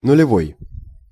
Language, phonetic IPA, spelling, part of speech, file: Russian, [nʊlʲɪˈvoj], нулевой, adjective, Ru-нулевой.ogg
- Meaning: 1. zero 2. zeroth 3. the noughties (2000s)